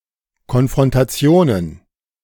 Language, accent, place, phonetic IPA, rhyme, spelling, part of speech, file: German, Germany, Berlin, [kɔnfʁɔntaˈt͡si̯oːnən], -oːnən, Konfrontationen, noun, De-Konfrontationen.ogg
- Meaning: plural of Konfrontation